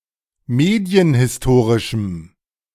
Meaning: strong dative masculine/neuter singular of medienhistorisch
- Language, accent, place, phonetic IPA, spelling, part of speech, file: German, Germany, Berlin, [ˈmeːdi̯ənhɪsˌtoːʁɪʃm̩], medienhistorischem, adjective, De-medienhistorischem.ogg